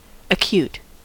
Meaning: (adjective) 1. Brief, quick, short 2. High or shrill 3. Intense; sensitive; sharp 4. Urgent 5. With the sides meeting directly to form an acute angle (at an apex or base) 6. Less than 90 degrees
- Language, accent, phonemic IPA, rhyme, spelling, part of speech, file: English, General American, /əˈkjut/, -uːt, acute, adjective / noun / verb, En-us-acute.ogg